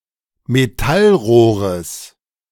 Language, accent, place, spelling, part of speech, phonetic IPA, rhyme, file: German, Germany, Berlin, Metallrohres, noun, [meˈtalˌʁoːʁəs], -alʁoːʁəs, De-Metallrohres.ogg
- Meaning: genitive singular of Metallrohr